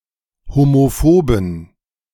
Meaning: inflection of homophob: 1. strong genitive masculine/neuter singular 2. weak/mixed genitive/dative all-gender singular 3. strong/weak/mixed accusative masculine singular 4. strong dative plural
- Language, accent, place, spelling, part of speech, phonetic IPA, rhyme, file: German, Germany, Berlin, homophoben, adjective, [homoˈfoːbn̩], -oːbn̩, De-homophoben.ogg